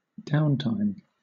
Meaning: 1. Time lost due to the failure of some system or machinery, such as a computer crash or power outage 2. A period of time when work or other activity is less intense or stops
- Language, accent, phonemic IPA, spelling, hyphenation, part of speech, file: English, Southern England, /ˈdaʊntaɪm/, downtime, down‧time, noun, LL-Q1860 (eng)-downtime.wav